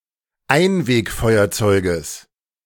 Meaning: genitive singular of Einwegfeuerzeug
- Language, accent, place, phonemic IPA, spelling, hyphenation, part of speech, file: German, Germany, Berlin, /ˈaɪ̯nveːkˌfɔɪ̯ɐt͡sɔɪ̯ɡəs/, Einwegfeuerzeuges, Ein‧weg‧feu‧er‧zeu‧ges, noun, De-Einwegfeuerzeuges.ogg